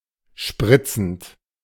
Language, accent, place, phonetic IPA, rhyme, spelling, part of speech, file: German, Germany, Berlin, [ˈʃpʁɪt͡sn̩t], -ɪt͡sn̩t, spritzend, verb, De-spritzend.ogg
- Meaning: present participle of spritzen